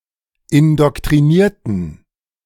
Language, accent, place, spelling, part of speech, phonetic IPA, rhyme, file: German, Germany, Berlin, indoktrinierten, adjective / verb, [ɪndɔktʁiˈniːɐ̯tn̩], -iːɐ̯tn̩, De-indoktrinierten.ogg
- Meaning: inflection of indoktrinieren: 1. first/third-person plural preterite 2. first/third-person plural subjunctive II